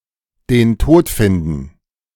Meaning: to die, usually in an accident or by homicide
- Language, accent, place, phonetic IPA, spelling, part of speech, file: German, Germany, Berlin, [deːn ˈtoːt ˌfɪndn̩], den Tod finden, phrase, De-den Tod finden.ogg